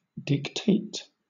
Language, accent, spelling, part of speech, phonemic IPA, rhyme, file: English, Southern England, dictate, verb, /(ˌ)dɪkˈteɪt/, -eɪt, LL-Q1860 (eng)-dictate.wav
- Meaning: 1. To order, command, control 2. To speak in order for someone to write down the words 3. To determine or decisively affect